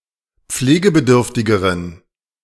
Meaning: inflection of pflegebedürftig: 1. strong genitive masculine/neuter singular comparative degree 2. weak/mixed genitive/dative all-gender singular comparative degree
- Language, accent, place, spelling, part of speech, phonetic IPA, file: German, Germany, Berlin, pflegebedürftigeren, adjective, [ˈp͡fleːɡəbəˌdʏʁftɪɡəʁən], De-pflegebedürftigeren.ogg